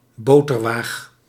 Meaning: a pair of scales on which butter was weighed, or a building housing such scales
- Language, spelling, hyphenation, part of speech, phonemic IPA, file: Dutch, boterwaag, bo‧ter‧waag, noun, /ˈboː.tərˌʋaːx/, Nl-boterwaag.ogg